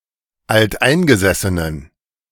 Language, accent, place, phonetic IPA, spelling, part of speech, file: German, Germany, Berlin, [altˈʔaɪ̯nɡəzɛsənən], alteingesessenen, adjective, De-alteingesessenen.ogg
- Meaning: inflection of alteingesessen: 1. strong genitive masculine/neuter singular 2. weak/mixed genitive/dative all-gender singular 3. strong/weak/mixed accusative masculine singular 4. strong dative plural